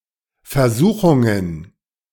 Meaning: plural of Versuchung
- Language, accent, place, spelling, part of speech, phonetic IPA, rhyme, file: German, Germany, Berlin, Versuchungen, noun, [fɛɐ̯ˈzuːxʊŋən], -uːxʊŋən, De-Versuchungen.ogg